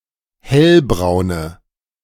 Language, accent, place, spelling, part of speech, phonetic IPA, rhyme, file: German, Germany, Berlin, hellbraune, adjective, [ˈhɛlbʁaʊ̯nə], -ɛlbʁaʊ̯nə, De-hellbraune.ogg
- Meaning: inflection of hellbraun: 1. strong/mixed nominative/accusative feminine singular 2. strong nominative/accusative plural 3. weak nominative all-gender singular